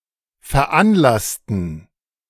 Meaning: inflection of veranlassen: 1. first/third-person plural preterite 2. first/third-person plural subjunctive II
- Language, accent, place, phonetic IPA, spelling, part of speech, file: German, Germany, Berlin, [fɛɐ̯ˈʔanˌlastn̩], veranlassten, adjective / verb, De-veranlassten.ogg